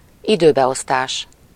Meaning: 1. time management 2. timetable
- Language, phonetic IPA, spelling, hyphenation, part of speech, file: Hungarian, [ˈidøːbɛostaːʃ], időbeosztás, idő‧be‧osz‧tás, noun, Hu-időbeosztás.ogg